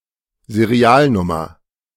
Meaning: serial number (unique number assigned to unit)
- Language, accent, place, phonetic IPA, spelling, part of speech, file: German, Germany, Berlin, [zeˈʁi̯aːlˌnʊmɐ], Serialnummer, noun, De-Serialnummer.ogg